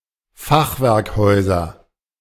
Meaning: nominative/accusative/genitive plural of Fachwerkhaus
- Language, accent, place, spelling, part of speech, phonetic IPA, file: German, Germany, Berlin, Fachwerkhäuser, noun, [ˈfaxvɛʁkˌhɔɪ̯zɐ], De-Fachwerkhäuser.ogg